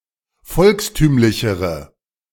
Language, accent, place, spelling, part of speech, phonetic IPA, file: German, Germany, Berlin, volkstümlichere, adjective, [ˈfɔlksˌtyːmlɪçəʁə], De-volkstümlichere.ogg
- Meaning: inflection of volkstümlich: 1. strong/mixed nominative/accusative feminine singular comparative degree 2. strong nominative/accusative plural comparative degree